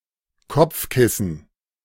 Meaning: pillow
- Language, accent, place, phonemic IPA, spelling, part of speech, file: German, Germany, Berlin, /ˈkɔpfˌkɪsn̩/, Kopfkissen, noun, De-Kopfkissen.ogg